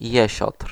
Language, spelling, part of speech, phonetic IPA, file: Polish, jesiotr, noun, [ˈjɛ̇ɕɔtr̥], Pl-jesiotr.ogg